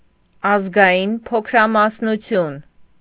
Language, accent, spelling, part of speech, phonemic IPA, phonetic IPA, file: Armenian, Eastern Armenian, ազգային փոքրամասնություն, noun, /ɑzɡɑˈjin pʰokʰɾɑmɑsnuˈtʰjun/, [ɑzɡɑjín pʰokʰɾɑmɑsnut͡sʰjún], Hy-ազգային փոքրամասնություն.ogg
- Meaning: ethnic minority